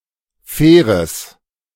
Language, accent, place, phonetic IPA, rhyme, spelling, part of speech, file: German, Germany, Berlin, [ˈfɛːʁəs], -ɛːʁəs, faires, adjective, De-faires.ogg
- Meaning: strong/mixed nominative/accusative neuter singular of fair